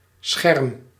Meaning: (noun) 1. screen, protection 2. awning, sunblind 3. display screen, monitor 4. umbel; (verb) inflection of schermen: first-person singular present indicative
- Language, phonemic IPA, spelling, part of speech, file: Dutch, /ˈsxɛrᵊm/, scherm, noun / verb, Nl-scherm.ogg